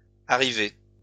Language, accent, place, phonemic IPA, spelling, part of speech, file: French, France, Lyon, /a.ʁi.ve/, arrivés, verb, LL-Q150 (fra)-arrivés.wav
- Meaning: masculine plural of arrivé